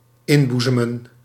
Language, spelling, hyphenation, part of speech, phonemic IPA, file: Dutch, inboezemen, in‧boe‧ze‧men, verb, /ˈɪnˌbu.zə.mə(n)/, Nl-inboezemen.ogg
- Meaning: to fill with, to inspire, to strike (something) into (one's heart)